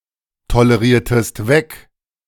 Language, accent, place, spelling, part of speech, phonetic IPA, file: German, Germany, Berlin, toleriertest weg, verb, [toləˌʁiːɐ̯təst ˈvɛk], De-toleriertest weg.ogg
- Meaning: inflection of wegtolerieren: 1. second-person singular preterite 2. second-person singular subjunctive II